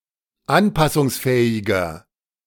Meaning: 1. comparative degree of anpassungsfähig 2. inflection of anpassungsfähig: strong/mixed nominative masculine singular 3. inflection of anpassungsfähig: strong genitive/dative feminine singular
- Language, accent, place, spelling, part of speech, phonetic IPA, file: German, Germany, Berlin, anpassungsfähiger, adjective, [ˈanpasʊŋsˌfɛːɪɡɐ], De-anpassungsfähiger.ogg